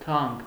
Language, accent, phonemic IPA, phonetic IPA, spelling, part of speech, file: Armenian, Eastern Armenian, /tʰɑnk/, [tʰɑŋk], թանկ, adjective, Hy-թանկ.ogg
- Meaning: 1. dear 2. expensive